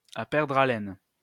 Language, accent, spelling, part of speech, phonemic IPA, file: French, France, à perdre haleine, adverb, /a pɛʁdʁ a.lɛn/, LL-Q150 (fra)-à perdre haleine.wav
- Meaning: until one is out of breath, until one is gasping for breath